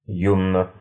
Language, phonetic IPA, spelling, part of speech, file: Russian, [ˈjunə], юно, adjective, Ru-юно.ogg
- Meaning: short neuter singular of ю́ный (júnyj)